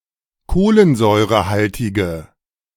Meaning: inflection of kohlensäurehaltig: 1. strong/mixed nominative/accusative feminine singular 2. strong nominative/accusative plural 3. weak nominative all-gender singular
- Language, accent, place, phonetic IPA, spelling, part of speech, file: German, Germany, Berlin, [ˈkoːlənzɔɪ̯ʁəˌhaltɪɡə], kohlensäurehaltige, adjective, De-kohlensäurehaltige.ogg